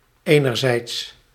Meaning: on the one hand
- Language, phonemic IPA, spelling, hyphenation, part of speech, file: Dutch, /ˈeː.nərˌzɛi̯ts/, enerzijds, ener‧zijds, adverb, Nl-enerzijds.ogg